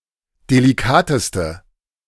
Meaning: inflection of delikat: 1. strong/mixed nominative/accusative feminine singular superlative degree 2. strong nominative/accusative plural superlative degree
- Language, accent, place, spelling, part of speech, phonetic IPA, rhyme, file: German, Germany, Berlin, delikateste, adjective, [deliˈkaːtəstə], -aːtəstə, De-delikateste.ogg